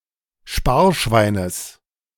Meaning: genitive singular of Sparschwein
- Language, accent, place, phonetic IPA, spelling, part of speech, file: German, Germany, Berlin, [ˈʃpaːɐ̯ˌʃvaɪ̯nəs], Sparschweines, noun, De-Sparschweines.ogg